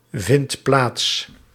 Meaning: inflection of plaatsvinden: 1. second/third-person singular present indicative 2. plural imperative
- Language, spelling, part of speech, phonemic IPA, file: Dutch, vindt plaats, verb, /ˈvɪnt ˈplats/, Nl-vindt plaats.ogg